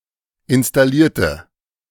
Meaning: inflection of installieren: 1. first/third-person singular preterite 2. first/third-person singular subjunctive II
- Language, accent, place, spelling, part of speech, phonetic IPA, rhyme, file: German, Germany, Berlin, installierte, adjective / verb, [ɪnstaˈliːɐ̯tə], -iːɐ̯tə, De-installierte.ogg